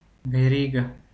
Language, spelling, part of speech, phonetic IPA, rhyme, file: Bulgarian, верига, noun, [vɛˈriɡɐ], -iɡɐ, Bg-верига.ogg
- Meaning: 1. chain, towline (a series of interconnected rings or links) 2. chains, fetters, shackles 3. linkwork 4. line